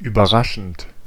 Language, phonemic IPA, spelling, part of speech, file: German, /yːbɐˈʁaʃənt/, überraschend, verb / adjective / adverb, De-überraschend.ogg
- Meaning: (verb) present participle of überraschen; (adjective) surprising; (adverb) unexpectedly